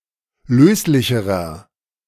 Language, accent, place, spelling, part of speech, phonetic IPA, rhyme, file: German, Germany, Berlin, löslicherer, adjective, [ˈløːslɪçəʁɐ], -øːslɪçəʁɐ, De-löslicherer.ogg
- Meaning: inflection of löslich: 1. strong/mixed nominative masculine singular comparative degree 2. strong genitive/dative feminine singular comparative degree 3. strong genitive plural comparative degree